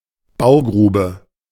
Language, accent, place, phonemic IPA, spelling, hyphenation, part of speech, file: German, Germany, Berlin, /ˈbaʊ̯ˌɡʁuːbə/, Baugrube, Bau‧gru‧be, noun, De-Baugrube.ogg
- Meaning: building pit